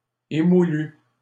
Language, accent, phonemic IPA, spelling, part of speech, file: French, Canada, /e.mu.ly/, émoulu, verb / adjective, LL-Q150 (fra)-émoulu.wav
- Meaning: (verb) past participle of émoudre; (adjective) sharpened